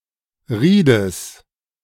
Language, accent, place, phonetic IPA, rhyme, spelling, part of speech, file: German, Germany, Berlin, [ˈʁiːdəs], -iːdəs, Riedes, noun, De-Riedes.ogg
- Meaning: genitive of Ried